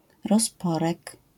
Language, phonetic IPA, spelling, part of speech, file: Polish, [rɔsˈpɔrɛk], rozporek, noun, LL-Q809 (pol)-rozporek.wav